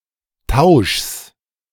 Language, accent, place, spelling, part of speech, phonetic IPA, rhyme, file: German, Germany, Berlin, Tauschs, noun, [taʊ̯ʃs], -aʊ̯ʃs, De-Tauschs.ogg
- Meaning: genitive singular of Tausch